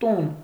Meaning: 1. house, building 2. home; apartment 3. home, household, family 4. house, dynasty 5. stanza
- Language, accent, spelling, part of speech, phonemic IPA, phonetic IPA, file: Armenian, Eastern Armenian, տուն, noun, /tun/, [tun], Hy-տուն.ogg